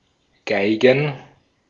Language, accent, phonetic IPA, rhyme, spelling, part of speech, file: German, Austria, [ˈɡaɪ̯ɡn̩], -aɪ̯ɡn̩, Geigen, noun, De-at-Geigen.ogg
- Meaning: plural of Geige